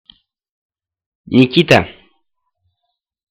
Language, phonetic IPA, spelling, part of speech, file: Russian, [nʲɪˈkʲitə], Никита, proper noun, Ru-Никита.ogg
- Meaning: a male given name, Nikita